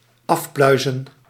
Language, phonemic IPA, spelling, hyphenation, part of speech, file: Dutch, /ˈɑfˌplœy̯.zə(n)/, afpluizen, af‧plui‧zen, verb, Nl-afpluizen.ogg
- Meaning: to pick off, to remove